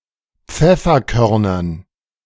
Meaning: dative plural of Pfefferkorn
- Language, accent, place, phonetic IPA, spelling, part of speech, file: German, Germany, Berlin, [ˈp͡fɛfɐˌkœʁnɐn], Pfefferkörnern, noun, De-Pfefferkörnern.ogg